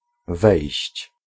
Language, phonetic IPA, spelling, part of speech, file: Polish, [vɛjɕt͡ɕ], wejść, verb / noun, Pl-wejść.ogg